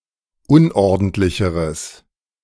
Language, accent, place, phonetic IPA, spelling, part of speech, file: German, Germany, Berlin, [ˈʊnʔɔʁdn̩tlɪçəʁəs], unordentlicheres, adjective, De-unordentlicheres.ogg
- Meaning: strong/mixed nominative/accusative neuter singular comparative degree of unordentlich